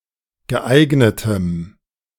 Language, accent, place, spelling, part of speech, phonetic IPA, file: German, Germany, Berlin, geeignetem, adjective, [ɡəˈʔaɪ̯ɡnətəm], De-geeignetem.ogg
- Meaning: strong dative masculine/neuter singular of geeignet